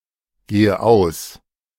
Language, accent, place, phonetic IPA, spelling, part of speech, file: German, Germany, Berlin, [ˌɡeːə ˈaʊ̯s], gehe aus, verb, De-gehe aus.ogg
- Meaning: inflection of ausgehen: 1. first-person singular present 2. first/third-person singular subjunctive I 3. singular imperative